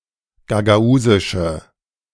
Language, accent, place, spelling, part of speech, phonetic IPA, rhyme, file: German, Germany, Berlin, gagausische, adjective, [ɡaɡaˈuːzɪʃə], -uːzɪʃə, De-gagausische.ogg
- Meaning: inflection of gagausisch: 1. strong/mixed nominative/accusative feminine singular 2. strong nominative/accusative plural 3. weak nominative all-gender singular